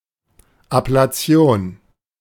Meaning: ablation
- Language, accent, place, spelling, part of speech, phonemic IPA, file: German, Germany, Berlin, Ablation, noun, /ˌaplaˈt͡si̯oːn/, De-Ablation.ogg